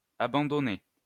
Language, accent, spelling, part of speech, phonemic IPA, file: French, France, abandonnées, verb, /a.bɑ̃.dɔ.ne/, LL-Q150 (fra)-abandonnées.wav
- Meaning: feminine plural of abandonné